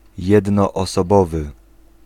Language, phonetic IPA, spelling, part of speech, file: Polish, [ˌjɛdnɔːsɔˈbɔvɨ], jednoosobowy, adjective, Pl-jednoosobowy.ogg